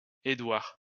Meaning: a male given name, equivalent to English Edward
- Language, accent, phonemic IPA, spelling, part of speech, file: French, France, /e.dwaʁ/, Édouard, proper noun, LL-Q150 (fra)-Édouard.wav